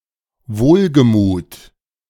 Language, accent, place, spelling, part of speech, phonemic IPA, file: German, Germany, Berlin, wohlgemut, adjective, /ˈvoːlɡəˌmuːt/, De-wohlgemut.ogg
- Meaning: cheerful